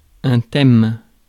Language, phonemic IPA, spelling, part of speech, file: French, /tɛm/, thème, noun, Fr-thème.ogg
- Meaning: 1. theme, topic 2. subject, theme 3. theme (what is generally being talked about, as opposed to rheme) 4. stem of (usually) a noun or verb, to which inflectional endings are attached